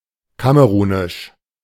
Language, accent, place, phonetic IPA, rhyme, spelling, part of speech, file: German, Germany, Berlin, [ˈkaməʁuːnɪʃ], -uːnɪʃ, kamerunisch, adjective, De-kamerunisch.ogg
- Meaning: of Cameroon; Cameroonian